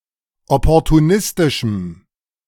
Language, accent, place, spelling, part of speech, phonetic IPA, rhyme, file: German, Germany, Berlin, opportunistischem, adjective, [ˌɔpɔʁtuˈnɪstɪʃm̩], -ɪstɪʃm̩, De-opportunistischem.ogg
- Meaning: strong dative masculine/neuter singular of opportunistisch